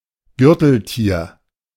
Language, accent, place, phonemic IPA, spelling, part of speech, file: German, Germany, Berlin, /ˈɡʏʁtl̩ˌtiːɐ̯/, Gürteltier, noun, De-Gürteltier.ogg
- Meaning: armadillo